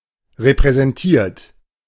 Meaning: 1. past participle of repräsentieren 2. inflection of repräsentieren: third-person singular present 3. inflection of repräsentieren: second-person plural present
- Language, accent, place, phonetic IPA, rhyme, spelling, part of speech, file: German, Germany, Berlin, [ʁepʁɛzɛnˈtiːɐ̯t], -iːɐ̯t, repräsentiert, verb, De-repräsentiert.ogg